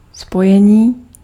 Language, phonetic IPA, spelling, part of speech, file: Czech, [ˈspojɛɲiː], spojení, noun / adjective, Cs-spojení.ogg
- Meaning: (noun) 1. verbal noun of spojit 2. connection, connexion (the act of connecting) 3. connection (an established communications or transportation link), link 4. join